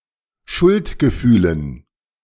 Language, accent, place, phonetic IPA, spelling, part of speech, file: German, Germany, Berlin, [ˈʃʊltɡəˌfyːlən], Schuldgefühlen, noun, De-Schuldgefühlen.ogg
- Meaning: dative plural of Schuldgefühl